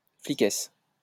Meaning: female equivalent of flic
- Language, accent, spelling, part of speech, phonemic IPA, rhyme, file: French, France, fliquesse, noun, /fli.kɛs/, -ɛs, LL-Q150 (fra)-fliquesse.wav